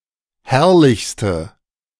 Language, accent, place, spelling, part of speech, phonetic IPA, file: German, Germany, Berlin, herrlichste, adjective, [ˈhɛʁlɪçstə], De-herrlichste.ogg
- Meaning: inflection of herrlich: 1. strong/mixed nominative/accusative feminine singular superlative degree 2. strong nominative/accusative plural superlative degree